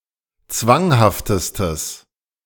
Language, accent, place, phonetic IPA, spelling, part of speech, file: German, Germany, Berlin, [ˈt͡svaŋhaftəstəs], zwanghaftestes, adjective, De-zwanghaftestes.ogg
- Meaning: strong/mixed nominative/accusative neuter singular superlative degree of zwanghaft